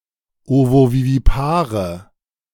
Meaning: inflection of ovovivipar: 1. strong/mixed nominative/accusative feminine singular 2. strong nominative/accusative plural 3. weak nominative all-gender singular
- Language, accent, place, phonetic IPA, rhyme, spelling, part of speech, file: German, Germany, Berlin, [ˌovoviviˈpaːʁə], -aːʁə, ovovivipare, adjective, De-ovovivipare.ogg